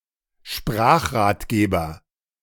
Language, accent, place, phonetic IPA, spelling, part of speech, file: German, Germany, Berlin, [ˈʃpʁaːxʁaːtˌɡeːbɐ], Sprachratgeber, noun, De-Sprachratgeber.ogg
- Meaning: language guide